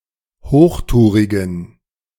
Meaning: inflection of hochtourig: 1. strong genitive masculine/neuter singular 2. weak/mixed genitive/dative all-gender singular 3. strong/weak/mixed accusative masculine singular 4. strong dative plural
- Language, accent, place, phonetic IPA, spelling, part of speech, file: German, Germany, Berlin, [ˈhoːxˌtuːʁɪɡn̩], hochtourigen, adjective, De-hochtourigen.ogg